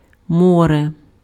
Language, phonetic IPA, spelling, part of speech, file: Ukrainian, [ˈmɔre], море, noun, Uk-море.ogg
- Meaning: sea